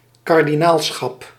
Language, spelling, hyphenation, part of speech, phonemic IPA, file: Dutch, kardinaalschap, kar‧di‧naal‧schap, noun, /ˌkɑr.diˈnaːl.sxɑp/, Nl-kardinaalschap.ogg
- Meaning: 1. a cardinalate, dignity and office of cardinal 2. the cardinalate, the collective of Roman Catholic cardinals comprising the consistory